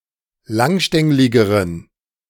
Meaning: inflection of langstänglig: 1. strong genitive masculine/neuter singular comparative degree 2. weak/mixed genitive/dative all-gender singular comparative degree
- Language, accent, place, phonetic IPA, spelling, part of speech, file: German, Germany, Berlin, [ˈlaŋˌʃtɛŋlɪɡəʁən], langstängligeren, adjective, De-langstängligeren.ogg